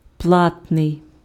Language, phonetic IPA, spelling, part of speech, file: Ukrainian, [ˈpɫatnei̯], платний, adjective, Uk-платний.ogg
- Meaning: not free of charge, not free, that costs money